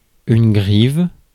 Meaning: 1. thrush (bird) 2. robin (Turdus migratorius)
- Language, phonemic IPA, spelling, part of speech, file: French, /ɡʁiv/, grive, noun, Fr-grive.ogg